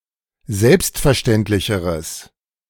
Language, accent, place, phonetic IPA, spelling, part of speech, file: German, Germany, Berlin, [ˈzɛlpstfɛɐ̯ˌʃtɛntlɪçəʁəs], selbstverständlicheres, adjective, De-selbstverständlicheres.ogg
- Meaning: strong/mixed nominative/accusative neuter singular comparative degree of selbstverständlich